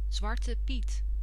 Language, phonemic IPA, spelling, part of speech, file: Dutch, /ˌzʋɑrtəˈpit/, Zwarte Piet, proper noun / noun, Nl-Zwarte Piet.ogg
- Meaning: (proper noun) Black Peter, the companion of Sinterklaas (Saint Nicholas); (noun) any person dressed up like the companion of Sinterklaas